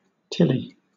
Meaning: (noun) 1. An extra product given to a customer at no additional charge; a lagniappe 2. A small open-backed truck; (adjective) Containing till (unsorted glacial sediment)
- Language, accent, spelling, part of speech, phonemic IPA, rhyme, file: English, Southern England, tilly, noun / adjective, /ˈtɪli/, -ɪli, LL-Q1860 (eng)-tilly.wav